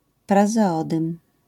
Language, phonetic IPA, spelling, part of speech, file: Polish, [ˌprazɛˈɔdɨ̃m], prazeodym, noun, LL-Q809 (pol)-prazeodym.wav